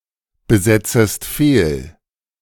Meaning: second-person singular subjunctive I of fehlbesetzen
- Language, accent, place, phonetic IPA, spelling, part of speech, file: German, Germany, Berlin, [bəˌzɛt͡səst ˈfeːl], besetzest fehl, verb, De-besetzest fehl.ogg